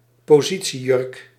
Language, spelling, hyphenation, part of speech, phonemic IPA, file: Dutch, positiejurk, po‧si‧tie‧jurk, noun, /poːˈzi.(t)siˌjʏrk/, Nl-positiejurk.ogg
- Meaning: a maternity dress; a dress designed to be worn by pregnant women during the later stages of pregnancy